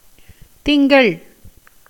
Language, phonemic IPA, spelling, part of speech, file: Tamil, /t̪ɪŋɡɐɭ/, திங்கள், noun, Ta-திங்கள்.ogg
- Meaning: 1. moon 2. month 3. Monday 4. week